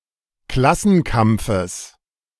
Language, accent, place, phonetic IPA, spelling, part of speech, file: German, Germany, Berlin, [ˈklasn̩ˌkamp͡fəs], Klassenkampfes, noun, De-Klassenkampfes.ogg
- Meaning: genitive singular of Klassenkampf